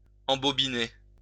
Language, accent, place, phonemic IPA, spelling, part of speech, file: French, France, Lyon, /ɑ̃.bɔ.bi.ne/, embobiner, verb, LL-Q150 (fra)-embobiner.wav
- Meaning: 1. to wind up, reel up 2. to wrap up 3. reel in